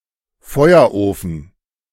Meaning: furnace
- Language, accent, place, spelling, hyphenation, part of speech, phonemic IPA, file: German, Germany, Berlin, Feuerofen, Feu‧er‧ofen, noun, /ˈfɔɪ̯ɐˌʔoːfn̩/, De-Feuerofen.ogg